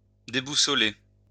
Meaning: to disorient
- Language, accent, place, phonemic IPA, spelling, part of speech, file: French, France, Lyon, /de.bu.sɔ.le/, déboussoler, verb, LL-Q150 (fra)-déboussoler.wav